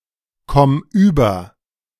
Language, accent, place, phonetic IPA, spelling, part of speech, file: German, Germany, Berlin, [ˈkɔm yːbɐ], komm über, verb, De-komm über.ogg
- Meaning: singular imperative of überkommen